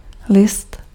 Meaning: 1. leaf (green and flat organ of vegetative plants) 2. letter (written message) 3. sheet (sheet of paper) 4. newspaper 5. certificate (document containing a certified statement)
- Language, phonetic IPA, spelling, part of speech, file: Czech, [ˈlɪst], list, noun, Cs-list.ogg